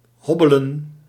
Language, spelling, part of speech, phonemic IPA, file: Dutch, hobbelen, verb, /ˈɦɔ.bə.lə(n)/, Nl-hobbelen.ogg
- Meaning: to lurch, hobble